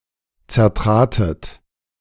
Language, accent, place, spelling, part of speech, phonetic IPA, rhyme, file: German, Germany, Berlin, zertratet, verb, [t͡sɛɐ̯ˈtʁaːtət], -aːtət, De-zertratet.ogg
- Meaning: second-person plural preterite of zertreten